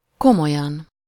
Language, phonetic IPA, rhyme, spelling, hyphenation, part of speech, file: Hungarian, [ˈkomojɒn], -ɒn, komolyan, ko‧mo‧lyan, adverb, Hu-komolyan.ogg
- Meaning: seriously, earnestly, in earnest